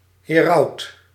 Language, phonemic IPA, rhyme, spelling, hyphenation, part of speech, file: Dutch, /ɦeːˈrɑu̯t/, -ɑu̯t, heraut, he‧raut, noun, Nl-heraut.ogg
- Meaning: herald